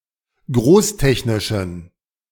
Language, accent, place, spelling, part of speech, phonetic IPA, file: German, Germany, Berlin, großtechnischen, adjective, [ˈɡʁoːsˌtɛçnɪʃn̩], De-großtechnischen.ogg
- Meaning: inflection of großtechnisch: 1. strong genitive masculine/neuter singular 2. weak/mixed genitive/dative all-gender singular 3. strong/weak/mixed accusative masculine singular 4. strong dative plural